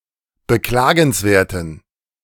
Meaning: inflection of beklagenswert: 1. strong genitive masculine/neuter singular 2. weak/mixed genitive/dative all-gender singular 3. strong/weak/mixed accusative masculine singular 4. strong dative plural
- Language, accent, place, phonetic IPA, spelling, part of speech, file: German, Germany, Berlin, [bəˈklaːɡn̩sˌveːɐ̯tn̩], beklagenswerten, adjective, De-beklagenswerten.ogg